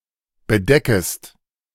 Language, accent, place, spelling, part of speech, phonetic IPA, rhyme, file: German, Germany, Berlin, bedeckst, verb, [bəˈdɛkst], -ɛkst, De-bedeckst.ogg
- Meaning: second-person singular present of bedecken